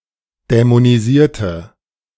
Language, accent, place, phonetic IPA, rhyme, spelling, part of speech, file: German, Germany, Berlin, [dɛmoniˈziːɐ̯tə], -iːɐ̯tə, dämonisierte, adjective / verb, De-dämonisierte.ogg
- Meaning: inflection of dämonisieren: 1. first/third-person singular preterite 2. first/third-person singular subjunctive II